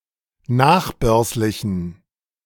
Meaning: inflection of nachbörslich: 1. strong genitive masculine/neuter singular 2. weak/mixed genitive/dative all-gender singular 3. strong/weak/mixed accusative masculine singular 4. strong dative plural
- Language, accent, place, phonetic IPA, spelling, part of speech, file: German, Germany, Berlin, [ˈnaːxˌbœʁslɪçn̩], nachbörslichen, adjective, De-nachbörslichen.ogg